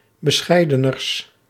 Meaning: partitive of bescheidener, the comparative degree of bescheiden
- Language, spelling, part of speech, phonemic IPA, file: Dutch, bescheideners, adjective, /bəˈsxɛi̯dənərs/, Nl-bescheideners.ogg